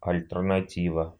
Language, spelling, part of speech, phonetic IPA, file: Russian, альтернатива, noun, [ɐlʲtɨrnɐˈtʲivə], Ru-альтернатива.ogg
- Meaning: alternative (a situation which allows a choice between two or more possibilities)